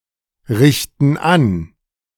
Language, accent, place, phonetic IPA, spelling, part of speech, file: German, Germany, Berlin, [ˌʁɪçtn̩ ˈan], richten an, verb, De-richten an.ogg
- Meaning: inflection of anrichten: 1. first/third-person plural present 2. first/third-person plural subjunctive I